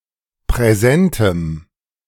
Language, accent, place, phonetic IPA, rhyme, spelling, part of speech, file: German, Germany, Berlin, [pʁɛˈzɛntəm], -ɛntəm, präsentem, adjective, De-präsentem.ogg
- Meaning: strong dative masculine/neuter singular of präsent